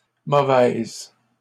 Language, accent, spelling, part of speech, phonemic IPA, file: French, Canada, mauvaise, adjective, /mo.vɛz/, LL-Q150 (fra)-mauvaise.wav
- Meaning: feminine singular of mauvais